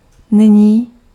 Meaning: now
- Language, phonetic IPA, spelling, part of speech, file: Czech, [ˈnɪɲiː], nyní, adverb, Cs-nyní.ogg